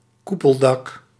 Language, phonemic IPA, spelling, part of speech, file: Dutch, /ˈkupəldɑk/, koepeldak, noun, Nl-koepeldak.ogg
- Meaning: domed roof